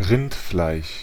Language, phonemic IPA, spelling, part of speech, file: German, /ˈʁɪntflaɪ̯ʃ/, Rindfleisch, noun, De-Rindfleisch.ogg
- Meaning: 1. beef 2. a surname